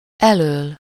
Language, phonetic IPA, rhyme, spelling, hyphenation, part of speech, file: Hungarian, [ˈɛløːl], -øːl, elől, elől, postposition, Hu-elől.ogg
- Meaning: from in front of